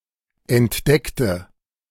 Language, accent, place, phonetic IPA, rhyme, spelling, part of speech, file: German, Germany, Berlin, [ɛntˈdɛktə], -ɛktə, entdeckte, adjective / verb, De-entdeckte.ogg
- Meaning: inflection of entdecken: 1. first/third-person singular preterite 2. first/third-person singular subjunctive II